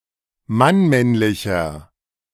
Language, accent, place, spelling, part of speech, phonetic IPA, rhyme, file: German, Germany, Berlin, mannmännlicher, adjective, [manˈmɛnlɪçɐ], -ɛnlɪçɐ, De-mannmännlicher.ogg
- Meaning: inflection of mannmännlich: 1. strong/mixed nominative masculine singular 2. strong genitive/dative feminine singular 3. strong genitive plural